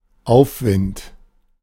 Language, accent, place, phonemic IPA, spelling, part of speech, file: German, Germany, Berlin, /ˈaʊ̯fvɪnt/, Aufwind, noun, De-Aufwind.ogg
- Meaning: 1. upswing, lift 2. updraft (meteorological)